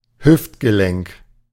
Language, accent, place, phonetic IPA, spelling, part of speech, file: German, Germany, Berlin, [ˈhʏftɡəˌlɛŋk], Hüftgelenk, noun, De-Hüftgelenk.ogg
- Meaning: hip (joint)